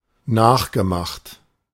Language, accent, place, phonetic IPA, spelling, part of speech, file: German, Germany, Berlin, [ˈnaːxɡəˌmaxt], nachgemacht, verb, De-nachgemacht.ogg
- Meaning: past participle of nachmachen